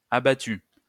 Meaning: feminine singular of abattu
- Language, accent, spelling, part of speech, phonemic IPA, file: French, France, abattue, verb, /a.ba.ty/, LL-Q150 (fra)-abattue.wav